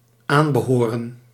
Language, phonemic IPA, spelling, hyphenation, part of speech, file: Dutch, /ˈaːn.bəˌɦoː.rə(n)/, aanbehoren, aan‧be‧ho‧ren, verb, Nl-aanbehoren.ogg
- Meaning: synonym of toebehoren